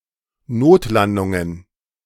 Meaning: plural of Notlandung
- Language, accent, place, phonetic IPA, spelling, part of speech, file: German, Germany, Berlin, [ˈnoːtˌlandʊŋən], Notlandungen, noun, De-Notlandungen.ogg